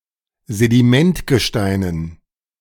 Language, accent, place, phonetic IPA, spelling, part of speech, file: German, Germany, Berlin, [zediˈmɛntɡəˌʃtaɪ̯nən], Sedimentgesteinen, noun, De-Sedimentgesteinen.ogg
- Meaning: dative plural of Sedimentgestein